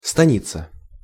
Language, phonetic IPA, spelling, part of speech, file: Russian, [stɐˈnʲit͡sə], станица, noun, Ru-станица.ogg
- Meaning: Cossack village, stanitsa